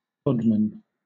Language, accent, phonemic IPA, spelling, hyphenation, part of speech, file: English, Southern England, /ˈdɒdmən/, dodman, dod‧man, noun, LL-Q1860 (eng)-dodman.wav
- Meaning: 1. A land-based snail 2. A snail's shell 3. Any shellfish which casts its shell, such as a lobster 4. A surveyor